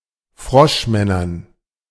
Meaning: dative plural of Froschmann
- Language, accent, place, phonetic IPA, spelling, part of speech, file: German, Germany, Berlin, [ˈfʁɔʃˌmɛnɐn], Froschmännern, noun, De-Froschmännern.ogg